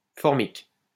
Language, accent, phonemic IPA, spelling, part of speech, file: French, France, /fɔʁ.mik/, formique, adjective, LL-Q150 (fra)-formique.wav
- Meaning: formic